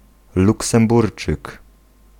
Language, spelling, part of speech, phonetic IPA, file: Polish, luksemburczyk, noun, [ˌluksɛ̃mˈburt͡ʃɨk], Pl-luksemburczyk.ogg